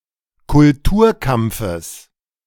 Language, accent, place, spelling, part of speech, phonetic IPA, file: German, Germany, Berlin, Kulturkampfes, noun, [kʊlˈtuːɐ̯ˌkamp͡fəs], De-Kulturkampfes.ogg
- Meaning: genitive singular of Kulturkampf